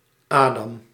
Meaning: 1. Adam (Biblical character, mythological first man) 2. a male given name from Hebrew
- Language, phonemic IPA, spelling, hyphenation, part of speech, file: Dutch, /ˈaː.dɑm/, Adam, Adam, proper noun, Nl-Adam.ogg